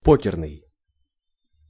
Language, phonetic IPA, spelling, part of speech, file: Russian, [ˈpokʲɪrnɨj], покерный, adjective, Ru-покерный.ogg
- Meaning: poker